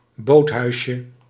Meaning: diminutive of boothuis
- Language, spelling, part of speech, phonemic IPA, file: Dutch, boothuisje, noun, /ˈbothœyʃə/, Nl-boothuisje.ogg